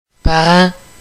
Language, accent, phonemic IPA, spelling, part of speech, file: French, Quebec, /pa.ʁɑ̃/, parent, noun / adjective, FQ-parent.ogg
- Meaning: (noun) 1. relative, relation, family member 2. parent 3. ancestors 4. parents; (adjective) 1. related 2. similar